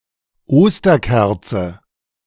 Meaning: paschal candle, Easter candle
- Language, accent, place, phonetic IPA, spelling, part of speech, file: German, Germany, Berlin, [ˈoːstɐˌkɛʁt͡sə], Osterkerze, noun, De-Osterkerze.ogg